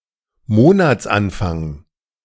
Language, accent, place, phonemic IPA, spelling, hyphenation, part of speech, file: German, Germany, Berlin, /ˈmoːnat͜sˌanfaŋ/, Monatsanfang, Mo‧nats‧an‧fang, noun, De-Monatsanfang.ogg
- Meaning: beginning of the month